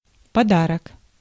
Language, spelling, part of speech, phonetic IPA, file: Russian, подарок, noun, [pɐˈdarək], Ru-подарок.ogg
- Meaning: present, gift